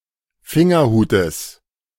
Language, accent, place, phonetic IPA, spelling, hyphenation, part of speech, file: German, Germany, Berlin, [ˈfɪŋɐˌhuːtəs], Fingerhutes, Fin‧ger‧hu‧tes, noun, De-Fingerhutes.ogg
- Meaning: genitive singular of Fingerhut